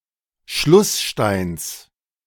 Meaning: genitive singular of Schlussstein
- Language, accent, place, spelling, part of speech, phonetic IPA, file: German, Germany, Berlin, Schlusssteins, noun, [ˈʃlʊsˌʃtaɪ̯ns], De-Schlusssteins.ogg